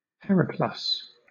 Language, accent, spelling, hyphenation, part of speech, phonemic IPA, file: English, Southern England, periplus, pe‧ri‧plus, noun, /ˈpɛɹɪˌplʌs/, LL-Q1860 (eng)-periplus.wav
- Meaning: 1. An account of a voyage, particularly those of Hanno and Arrian, recording ports and coastal landmarks 2. A voyage along a coast 3. Synonym of circuit: the path or distance around a coast